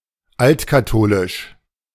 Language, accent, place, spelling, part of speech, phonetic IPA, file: German, Germany, Berlin, altkatholisch, adjective, [ˈaltkaˌtoːlɪʃ], De-altkatholisch.ogg
- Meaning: Old Catholic